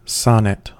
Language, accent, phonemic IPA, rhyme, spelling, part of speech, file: English, US, /ˈsɒnɪt/, -ɒnɪt, sonnet, noun / verb, En-us-sonnet.ogg
- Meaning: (noun) A fixed verse form of Italian origin consisting of fourteen lines that are typically five-foot iambics and rhyme according to one of a few prescribed schemes; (verb) To compose sonnets